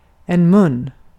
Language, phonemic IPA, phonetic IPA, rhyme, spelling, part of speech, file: Swedish, /mɵn/, [mɵnː], -ɵn, mun, noun, Sv-mun.ogg
- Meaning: a mouth